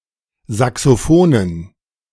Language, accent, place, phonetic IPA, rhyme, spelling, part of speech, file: German, Germany, Berlin, [ˌzaksoˈfoːnən], -oːnən, Saxophonen, noun, De-Saxophonen.ogg
- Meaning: dative plural of Saxophon